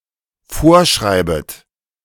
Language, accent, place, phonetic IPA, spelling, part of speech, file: German, Germany, Berlin, [ˈfoːɐ̯ˌʃʁaɪ̯bət], vorschreibet, verb, De-vorschreibet.ogg
- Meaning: second-person plural dependent subjunctive I of vorschreiben